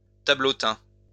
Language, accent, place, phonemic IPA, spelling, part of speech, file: French, France, Lyon, /ta.blo.tɛ̃/, tableautin, noun, LL-Q150 (fra)-tableautin.wav
- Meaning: little picture